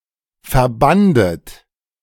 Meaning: second-person plural preterite of verbinden
- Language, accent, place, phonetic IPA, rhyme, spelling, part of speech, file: German, Germany, Berlin, [fɛɐ̯ˈbandət], -andət, verbandet, verb, De-verbandet.ogg